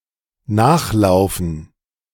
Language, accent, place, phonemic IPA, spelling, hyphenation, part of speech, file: German, Germany, Berlin, /ˈnaxˌlaʊ̯fən/, nachlaufen, nach‧lau‧fen, verb, De-nachlaufen.ogg
- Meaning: to run after